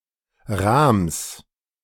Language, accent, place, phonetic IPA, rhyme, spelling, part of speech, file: German, Germany, Berlin, [ʁaːms], -aːms, Rahms, noun, De-Rahms.ogg
- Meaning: genitive singular of Rahm